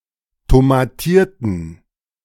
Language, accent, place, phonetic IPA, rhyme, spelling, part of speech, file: German, Germany, Berlin, [tomaˈtiːɐ̯tn̩], -iːɐ̯tn̩, tomatierten, adjective / verb, De-tomatierten.ogg
- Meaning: inflection of tomatiert: 1. strong genitive masculine/neuter singular 2. weak/mixed genitive/dative all-gender singular 3. strong/weak/mixed accusative masculine singular 4. strong dative plural